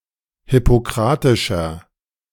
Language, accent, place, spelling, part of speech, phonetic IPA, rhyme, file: German, Germany, Berlin, hippokratischer, adjective, [hɪpoˈkʁaːtɪʃɐ], -aːtɪʃɐ, De-hippokratischer.ogg
- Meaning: inflection of hippokratisch: 1. strong/mixed nominative masculine singular 2. strong genitive/dative feminine singular 3. strong genitive plural